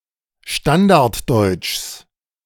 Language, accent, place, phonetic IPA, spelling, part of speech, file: German, Germany, Berlin, [ˈʃtandaʁtˌdɔɪ̯t͡ʃs], Standarddeutschs, noun, De-Standarddeutschs.ogg
- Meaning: genitive singular of Standarddeutsch